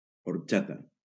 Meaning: horchata (a sweet beverage)
- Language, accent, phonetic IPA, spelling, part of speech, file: Catalan, Valencia, [oɾˈt͡ʃa.ta], orxata, noun, LL-Q7026 (cat)-orxata.wav